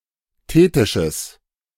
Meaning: strong/mixed nominative/accusative neuter singular of thetisch
- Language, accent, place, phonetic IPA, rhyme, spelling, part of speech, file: German, Germany, Berlin, [ˈteːtɪʃəs], -eːtɪʃəs, thetisches, adjective, De-thetisches.ogg